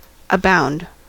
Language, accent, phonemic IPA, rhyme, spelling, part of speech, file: English, US, /əˈbaʊnd/, -aʊnd, abound, verb, En-us-abound.ogg
- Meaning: 1. To be full to overflowing; to bristle 2. To be wealthy 3. To be highly productive 4. To be present or available in large numbers or quantities; to be plentiful 5. To revel in